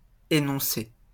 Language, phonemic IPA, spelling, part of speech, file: French, /e.nɔ̃.se/, énoncer, verb, LL-Q150 (fra)-énoncer.wav
- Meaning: 1. to enounce, lay out, declare 2. to explain